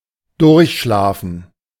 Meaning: to sleep undisturbed (usually through the night)
- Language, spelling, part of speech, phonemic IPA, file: German, durchschlafen, verb, /ˈdʊʁçˌʃlaːfn̩/, De-durchschlafen.ogg